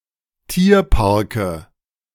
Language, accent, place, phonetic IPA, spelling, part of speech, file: German, Germany, Berlin, [ˈtiːɐ̯paʁkə], Tierparke, noun, De-Tierparke.ogg
- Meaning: nominative/accusative/genitive plural of Tierpark